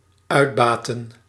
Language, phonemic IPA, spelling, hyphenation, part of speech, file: Dutch, /ˈœy̯tbaːtən/, uitbaten, uit‧ba‧ten, verb, Nl-uitbaten.ogg
- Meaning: to exploit, to extract or derive value from, to use for one's benefit